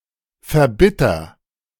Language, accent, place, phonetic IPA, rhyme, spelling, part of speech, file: German, Germany, Berlin, [fɛɐ̯ˈbɪtɐ], -ɪtɐ, verbitter, verb, De-verbitter.ogg
- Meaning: inflection of verbittern: 1. first-person singular present 2. singular imperative